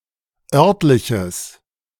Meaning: strong/mixed nominative/accusative neuter singular of örtlich
- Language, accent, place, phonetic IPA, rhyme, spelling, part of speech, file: German, Germany, Berlin, [ˈœʁtlɪçəs], -œʁtlɪçəs, örtliches, adjective, De-örtliches.ogg